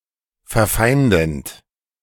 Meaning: present participle of verfeinden
- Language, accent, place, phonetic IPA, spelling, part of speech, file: German, Germany, Berlin, [fɛɐ̯ˈfaɪ̯ndn̩t], verfeindend, verb, De-verfeindend.ogg